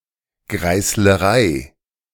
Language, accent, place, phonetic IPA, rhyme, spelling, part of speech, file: German, Germany, Berlin, [ɡʁaɪ̯sləˈʁaɪ̯], -aɪ̯, Greißlerei, noun, De-Greißlerei.ogg
- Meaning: grocery